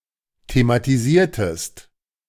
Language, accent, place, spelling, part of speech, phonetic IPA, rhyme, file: German, Germany, Berlin, thematisiertest, verb, [tematiˈziːɐ̯təst], -iːɐ̯təst, De-thematisiertest.ogg
- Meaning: inflection of thematisieren: 1. second-person singular preterite 2. second-person singular subjunctive II